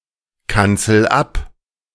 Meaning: inflection of abkanzeln: 1. first-person singular present 2. singular imperative
- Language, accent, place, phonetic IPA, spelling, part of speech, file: German, Germany, Berlin, [ˌkant͡sl̩ ˈap], kanzel ab, verb, De-kanzel ab.ogg